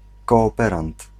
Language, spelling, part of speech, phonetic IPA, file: Polish, kooperant, noun, [ˌkɔːˈpɛrãnt], Pl-kooperant.ogg